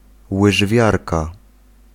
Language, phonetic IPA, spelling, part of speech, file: Polish, [wɨʒˈvʲjarka], łyżwiarka, noun, Pl-łyżwiarka.ogg